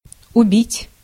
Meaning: 1. to kill 2. to murder 3. to beat (in cards) 4. to drive to despair 5. to waste
- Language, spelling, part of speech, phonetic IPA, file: Russian, убить, verb, [ʊˈbʲitʲ], Ru-убить.ogg